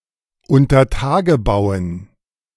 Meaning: dative plural of Untertagebau
- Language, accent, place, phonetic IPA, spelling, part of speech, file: German, Germany, Berlin, [ʊntɐˈtaːɡəˌbaʊ̯ən], Untertagebauen, noun, De-Untertagebauen.ogg